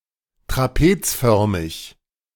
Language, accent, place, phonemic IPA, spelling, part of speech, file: German, Germany, Berlin, /tʁaˈpeːt͡sˌfœʁmɪç/, trapezförmig, adjective, De-trapezförmig.ogg
- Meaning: trapezoidal